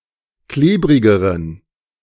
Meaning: inflection of klebrig: 1. strong genitive masculine/neuter singular comparative degree 2. weak/mixed genitive/dative all-gender singular comparative degree
- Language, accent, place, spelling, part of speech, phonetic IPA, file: German, Germany, Berlin, klebrigeren, adjective, [ˈkleːbʁɪɡəʁən], De-klebrigeren.ogg